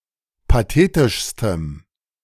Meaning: strong dative masculine/neuter singular superlative degree of pathetisch
- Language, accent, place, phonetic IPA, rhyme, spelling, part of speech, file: German, Germany, Berlin, [paˈteːtɪʃstəm], -eːtɪʃstəm, pathetischstem, adjective, De-pathetischstem.ogg